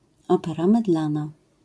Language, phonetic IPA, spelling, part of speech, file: Polish, [ˈɔpɛra mɨˈdlãna], opera mydlana, noun, LL-Q809 (pol)-opera mydlana.wav